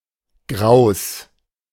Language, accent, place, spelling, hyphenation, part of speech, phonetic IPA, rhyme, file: German, Germany, Berlin, Graus, Graus, noun, [ɡʁaʊ̯s], -aʊ̯s, De-Graus.ogg
- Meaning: 1. horror 2. genitive singular of Grau